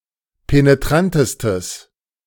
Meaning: strong/mixed nominative/accusative neuter singular superlative degree of penetrant
- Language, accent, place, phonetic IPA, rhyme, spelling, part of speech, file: German, Germany, Berlin, [peneˈtʁantəstəs], -antəstəs, penetrantestes, adjective, De-penetrantestes.ogg